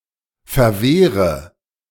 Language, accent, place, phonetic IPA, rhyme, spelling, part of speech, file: German, Germany, Berlin, [fɛɐ̯ˈveːʁə], -eːʁə, verwehre, verb, De-verwehre.ogg
- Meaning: inflection of verwehren: 1. first-person singular present 2. first/third-person singular subjunctive I 3. singular imperative